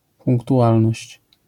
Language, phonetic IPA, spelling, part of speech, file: Polish, [ˌpũŋktuˈʷalnɔɕt͡ɕ], punktualność, noun, LL-Q809 (pol)-punktualność.wav